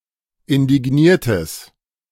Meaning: strong/mixed nominative/accusative neuter singular of indigniert
- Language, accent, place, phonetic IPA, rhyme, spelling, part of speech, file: German, Germany, Berlin, [ɪndɪˈɡniːɐ̯təs], -iːɐ̯təs, indigniertes, adjective, De-indigniertes.ogg